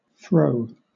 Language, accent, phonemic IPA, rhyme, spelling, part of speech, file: English, Southern England, /fɹəʊ/, -əʊ, frow, noun, LL-Q1860 (eng)-frow.wav
- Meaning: Alternative spelling of froe (“cleaving tool”)